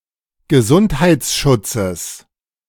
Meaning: genitive singular of Gesundheitsschutz
- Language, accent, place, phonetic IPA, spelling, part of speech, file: German, Germany, Berlin, [ɡəˈzunthaɪ̯t͡sˌʃʊt͡səs], Gesundheitsschutzes, noun, De-Gesundheitsschutzes.ogg